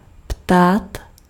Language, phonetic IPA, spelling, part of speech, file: Czech, [ˈptaːt], ptát, verb, Cs-ptát.ogg
- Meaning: to ask (to request an answer)